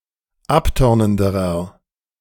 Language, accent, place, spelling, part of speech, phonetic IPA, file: German, Germany, Berlin, abtörnenderer, adjective, [ˈapˌtœʁnəndəʁɐ], De-abtörnenderer.ogg
- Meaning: inflection of abtörnend: 1. strong/mixed nominative masculine singular comparative degree 2. strong genitive/dative feminine singular comparative degree 3. strong genitive plural comparative degree